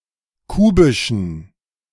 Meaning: inflection of kubisch: 1. strong genitive masculine/neuter singular 2. weak/mixed genitive/dative all-gender singular 3. strong/weak/mixed accusative masculine singular 4. strong dative plural
- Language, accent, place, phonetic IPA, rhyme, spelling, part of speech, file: German, Germany, Berlin, [ˈkuːbɪʃn̩], -uːbɪʃn̩, kubischen, adjective, De-kubischen.ogg